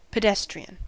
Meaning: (adjective) 1. Of or intended for those who are walking 2. Ordinary, dull; everyday; unexceptional 3. Pertaining to ordinary, everyday movements incorporated in postmodern dance
- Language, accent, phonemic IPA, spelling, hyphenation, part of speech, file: English, US, /pəˈdɛstɹiən/, pedestrian, pe‧des‧tri‧an, adjective / noun, En-us-pedestrian.ogg